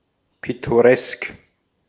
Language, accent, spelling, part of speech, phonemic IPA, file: German, Austria, pittoresk, adjective, /pɪtoˈʁɛsk/, De-at-pittoresk.ogg
- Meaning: picturesque